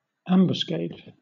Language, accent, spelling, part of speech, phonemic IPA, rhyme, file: English, Southern England, ambuscade, noun / verb, /ˈæmbəsˌkeɪd/, -eɪd, LL-Q1860 (eng)-ambuscade.wav
- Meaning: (noun) 1. An ambush; a trap laid for an enemy 2. The place in which troops lie hidden for an ambush 3. The body of troops lying in ambush